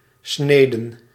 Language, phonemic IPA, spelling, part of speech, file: Dutch, /ˈsnedən/, sneden, noun / verb, Nl-sneden.ogg
- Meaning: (noun) 1. plural of snede 2. plural of snee; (verb) inflection of snijden: 1. plural past indicative 2. plural past subjunctive